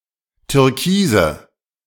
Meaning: inflection of türkis: 1. strong/mixed nominative/accusative feminine singular 2. strong nominative/accusative plural 3. weak nominative all-gender singular 4. weak accusative feminine/neuter singular
- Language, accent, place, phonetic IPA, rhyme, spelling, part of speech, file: German, Germany, Berlin, [tʏʁˈkiːzə], -iːzə, türkise, adjective, De-türkise.ogg